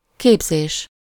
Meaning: 1. instruction, teaching, training 2. forming, formation 3. derivation
- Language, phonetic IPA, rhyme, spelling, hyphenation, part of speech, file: Hungarian, [ˈkeːbzeːʃ], -eːʃ, képzés, kép‧zés, noun, Hu-képzés.ogg